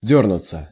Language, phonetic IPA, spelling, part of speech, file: Russian, [ˈdʲɵrnʊt͡sə], дёрнуться, verb, Ru-дёрнуться.ogg
- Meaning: 1. to twitch 2. to jitter 3. to fret, to fidget 4. to rush, to scurry, to scamper 5. passive of дёрнуть (djórnutʹ)